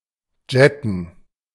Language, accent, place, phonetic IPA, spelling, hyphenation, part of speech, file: German, Germany, Berlin, [dʒɛtn̩], jetten, jet‧ten, verb, De-jetten.ogg
- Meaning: to jet (To travel on a jet aircraft.)